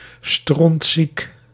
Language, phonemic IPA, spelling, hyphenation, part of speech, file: Dutch, /strɔntˈsik/, strontziek, stront‧ziek, adjective, Nl-strontziek.ogg
- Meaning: 1. very ill, very sick 2. fed up, sick and tired